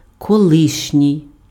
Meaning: former, previous, erstwhile, ex-
- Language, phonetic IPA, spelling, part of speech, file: Ukrainian, [kɔˈɫɪʃnʲii̯], колишній, adjective, Uk-колишній.ogg